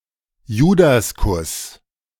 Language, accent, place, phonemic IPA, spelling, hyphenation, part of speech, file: German, Germany, Berlin, /ˈjuːdasˌkʊs/, Judaskuss, Ju‧das‧kuss, noun, De-Judaskuss.ogg
- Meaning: Judas kiss